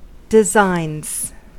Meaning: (noun) plural of design; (verb) third-person singular simple present indicative of design
- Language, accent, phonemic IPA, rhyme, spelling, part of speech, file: English, US, /dɪˈzaɪnz/, -aɪnz, designs, noun / verb, En-us-designs.ogg